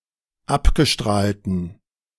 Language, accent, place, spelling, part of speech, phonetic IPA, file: German, Germany, Berlin, abgestrahlten, adjective, [ˈapɡəˌʃtʁaːltn̩], De-abgestrahlten.ogg
- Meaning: inflection of abgestrahlt: 1. strong genitive masculine/neuter singular 2. weak/mixed genitive/dative all-gender singular 3. strong/weak/mixed accusative masculine singular 4. strong dative plural